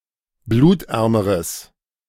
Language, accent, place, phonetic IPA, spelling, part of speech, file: German, Germany, Berlin, [ˈbluːtˌʔɛʁməʁəs], blutärmeres, adjective, De-blutärmeres.ogg
- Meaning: strong/mixed nominative/accusative neuter singular comparative degree of blutarm